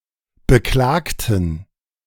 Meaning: inflection of beklagen: 1. first/third-person plural preterite 2. first/third-person plural subjunctive II
- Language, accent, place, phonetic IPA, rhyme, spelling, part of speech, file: German, Germany, Berlin, [bəˈklaːktn̩], -aːktn̩, beklagten, adjective / verb, De-beklagten.ogg